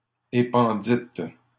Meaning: second-person plural past historic of épandre
- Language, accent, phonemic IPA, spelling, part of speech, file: French, Canada, /e.pɑ̃.dit/, épandîtes, verb, LL-Q150 (fra)-épandîtes.wav